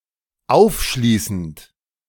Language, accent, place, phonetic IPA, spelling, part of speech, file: German, Germany, Berlin, [ˈaʊ̯fˌʃliːsn̩t], aufschließend, verb, De-aufschließend.ogg
- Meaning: present participle of aufschließen